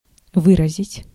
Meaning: to express, to convey (meaning)
- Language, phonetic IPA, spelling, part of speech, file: Russian, [ˈvɨrəzʲɪtʲ], выразить, verb, Ru-выразить.ogg